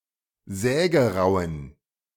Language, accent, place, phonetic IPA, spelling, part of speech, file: German, Germany, Berlin, [ˈzɛːɡəˌʁaʊ̯ən], sägerauen, adjective, De-sägerauen.ogg
- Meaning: inflection of sägerau: 1. strong genitive masculine/neuter singular 2. weak/mixed genitive/dative all-gender singular 3. strong/weak/mixed accusative masculine singular 4. strong dative plural